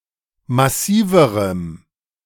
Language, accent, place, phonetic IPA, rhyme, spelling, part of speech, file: German, Germany, Berlin, [maˈsiːvəʁəm], -iːvəʁəm, massiverem, adjective, De-massiverem.ogg
- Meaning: strong dative masculine/neuter singular comparative degree of massiv